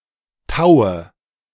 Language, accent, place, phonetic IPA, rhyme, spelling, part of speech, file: German, Germany, Berlin, [ˈtaʊ̯ə], -aʊ̯ə, taue, verb, De-taue.ogg
- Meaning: inflection of tauen: 1. first-person singular present 2. first/third-person singular subjunctive I 3. singular imperative